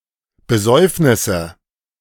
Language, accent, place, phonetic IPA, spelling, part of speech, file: German, Germany, Berlin, [bəˈzɔɪ̯fnɪsə], Besäufnisse, noun, De-Besäufnisse.ogg
- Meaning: nominative/accusative/genitive plural of Besäufnis